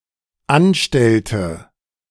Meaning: inflection of anstellen: 1. first/third-person singular dependent preterite 2. first/third-person singular dependent subjunctive II
- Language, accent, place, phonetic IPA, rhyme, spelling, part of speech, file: German, Germany, Berlin, [ˈanˌʃtɛltə], -anʃtɛltə, anstellte, verb, De-anstellte.ogg